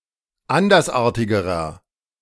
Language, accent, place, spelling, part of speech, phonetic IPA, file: German, Germany, Berlin, andersartigerer, adjective, [ˈandɐsˌʔaːɐ̯tɪɡəʁɐ], De-andersartigerer.ogg
- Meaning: inflection of andersartig: 1. strong/mixed nominative masculine singular comparative degree 2. strong genitive/dative feminine singular comparative degree 3. strong genitive plural comparative degree